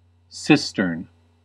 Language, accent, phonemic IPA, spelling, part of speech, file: English, US, /ˈsɪs.tɚn/, cistern, noun, En-us-cistern.ogg
- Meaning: 1. A reservoir or tank for holding water, especially for catching and holding rainwater for later use 2. In a flush toilet, the container in which the water used for flushing is held; a toilet tank